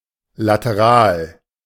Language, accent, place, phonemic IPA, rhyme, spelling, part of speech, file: German, Germany, Berlin, /lateˈʁaːl/, -aːl, lateral, adjective, De-lateral.ogg
- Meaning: lateral